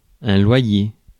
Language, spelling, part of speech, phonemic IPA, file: French, loyer, noun, /lwa.je/, Fr-loyer.ogg
- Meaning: rent (amount of money due for renting property)